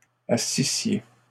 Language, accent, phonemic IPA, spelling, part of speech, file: French, Canada, /a.si.sje/, assissiez, verb, LL-Q150 (fra)-assissiez.wav
- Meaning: second-person singular imperfect subjunctive of asseoir